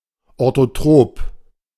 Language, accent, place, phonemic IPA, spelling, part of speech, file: German, Germany, Berlin, /ˌoʁtoˈtʁoːp/, orthotrop, adjective, De-orthotrop.ogg
- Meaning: orthotropic